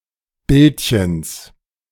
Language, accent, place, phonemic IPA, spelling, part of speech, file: German, Germany, Berlin, /ˈbɪltçəns/, Bildchens, noun, De-Bildchens.ogg
- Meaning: genitive of Bildchen